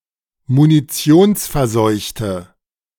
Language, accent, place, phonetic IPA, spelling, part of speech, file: German, Germany, Berlin, [muniˈt͡si̯oːnsfɛɐ̯ˌzɔɪ̯çtə], munitionsverseuchte, adjective, De-munitionsverseuchte.ogg
- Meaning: inflection of munitionsverseucht: 1. strong/mixed nominative/accusative feminine singular 2. strong nominative/accusative plural 3. weak nominative all-gender singular